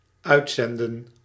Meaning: 1. to send out, to deploy 2. to broadcast 3. to emit
- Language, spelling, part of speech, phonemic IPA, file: Dutch, uitzenden, verb, /ˈœy̯t.sɛn.də(n)/, Nl-uitzenden.ogg